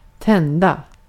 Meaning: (verb) 1. to light, to ignite; to turn on (any kind of) lights (including flames) 2. to become sexually aroused 3. to become enthusiastic about something
- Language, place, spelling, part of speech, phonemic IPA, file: Swedish, Gotland, tända, verb / adjective, /²tɛnda/, Sv-tända.ogg